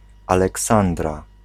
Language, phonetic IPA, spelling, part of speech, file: Polish, [ˌalɛˈksãndra], Aleksandra, proper noun / noun, Pl-Aleksandra.ogg